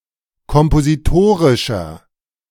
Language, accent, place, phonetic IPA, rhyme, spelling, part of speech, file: German, Germany, Berlin, [kɔmpoziˈtoːʁɪʃɐ], -oːʁɪʃɐ, kompositorischer, adjective, De-kompositorischer.ogg
- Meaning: inflection of kompositorisch: 1. strong/mixed nominative masculine singular 2. strong genitive/dative feminine singular 3. strong genitive plural